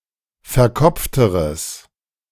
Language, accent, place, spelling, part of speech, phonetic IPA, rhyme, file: German, Germany, Berlin, verkopfteres, adjective, [fɛɐ̯ˈkɔp͡ftəʁəs], -ɔp͡ftəʁəs, De-verkopfteres.ogg
- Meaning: strong/mixed nominative/accusative neuter singular comparative degree of verkopft